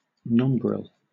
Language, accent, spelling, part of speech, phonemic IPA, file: English, Southern England, nombril, noun, /ˈnɒmbɹɪl/, LL-Q1860 (eng)-nombril.wav
- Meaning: A point halfway between the fess point (centre of the shield) and the middle base (bottom) point of an escutcheon